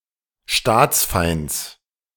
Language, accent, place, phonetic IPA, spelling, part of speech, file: German, Germany, Berlin, [ˈʃtaːt͡sˌfaɪ̯nt͡s], Staatsfeinds, noun, De-Staatsfeinds.ogg
- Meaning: genitive of Staatsfeind